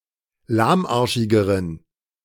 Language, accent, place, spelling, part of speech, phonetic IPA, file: German, Germany, Berlin, lahmarschigeren, adjective, [ˈlaːmˌʔaʁʃɪɡəʁən], De-lahmarschigeren.ogg
- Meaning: inflection of lahmarschig: 1. strong genitive masculine/neuter singular comparative degree 2. weak/mixed genitive/dative all-gender singular comparative degree